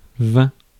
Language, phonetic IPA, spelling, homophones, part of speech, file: French, [vẽɪ̯̃t], vingt, vain / vainc / vaincs / vains / vin / vingts / vins / vint / vînt, numeral, Fr-vingt.ogg
- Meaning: twenty